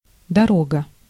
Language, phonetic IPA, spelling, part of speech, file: Russian, [dɐˈroɡə], дорога, noun, Ru-дорога.ogg
- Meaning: 1. road 2. trip, journey 3. way, direction, path to follow, route